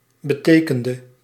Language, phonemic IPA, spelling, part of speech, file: Dutch, /bə.ˈteː.kən.də/, betekende, verb, Nl-betekende.ogg
- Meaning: inflection of betekenen: 1. singular past indicative 2. singular past subjunctive